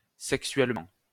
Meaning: sexually
- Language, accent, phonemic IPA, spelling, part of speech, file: French, France, /sɛk.sɥɛl.mɑ̃/, sexuellement, adverb, LL-Q150 (fra)-sexuellement.wav